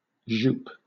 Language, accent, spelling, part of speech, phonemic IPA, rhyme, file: English, Southern England, jupe, noun, /ʒuːp/, -uːp, LL-Q1860 (eng)-jupe.wav
- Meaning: 1. A style of skirt 2. A style of short jacket, usually for a woman or child